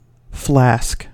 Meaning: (noun) A narrow-necked vessel of metal or glass, used for various purposes; as of sheet metal, to carry gunpowder in; or of wrought iron, to contain quicksilver; or of glass, to heat water in, etc
- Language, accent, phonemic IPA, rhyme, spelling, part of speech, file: English, US, /ˈflæsk/, -æsk, flask, noun / verb, En-us-flask.ogg